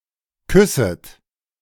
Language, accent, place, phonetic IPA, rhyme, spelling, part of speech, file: German, Germany, Berlin, [ˈkʏsət], -ʏsət, küsset, verb, De-küsset.ogg
- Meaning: second-person plural subjunctive I of küssen